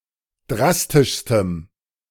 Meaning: strong dative masculine/neuter singular superlative degree of drastisch
- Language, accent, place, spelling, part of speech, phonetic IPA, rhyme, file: German, Germany, Berlin, drastischstem, adjective, [ˈdʁastɪʃstəm], -astɪʃstəm, De-drastischstem.ogg